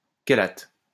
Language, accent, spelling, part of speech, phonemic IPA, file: French, France, chélate, noun, /ke.lat/, LL-Q150 (fra)-chélate.wav
- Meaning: chelate, chelate compound